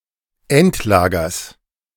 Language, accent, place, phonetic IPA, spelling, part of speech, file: German, Germany, Berlin, [ˈɛntˌlaːɡɐs], Endlagers, noun, De-Endlagers.ogg
- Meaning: genitive singular of Endlager